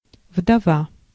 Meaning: widow
- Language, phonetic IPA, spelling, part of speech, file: Russian, [vdɐˈva], вдова, noun, Ru-вдова.ogg